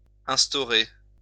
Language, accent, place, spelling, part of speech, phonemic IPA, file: French, France, Lyon, instaurer, verb, /ɛ̃s.tɔ.ʁe/, LL-Q150 (fra)-instaurer.wav
- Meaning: to set up; to establish